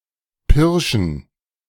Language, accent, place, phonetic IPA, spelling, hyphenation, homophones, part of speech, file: German, Germany, Berlin, [ˈpɪʁʃn̩], Pirschen, Pir‧schen, pirschen, noun, De-Pirschen.ogg
- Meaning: plural of Pirsch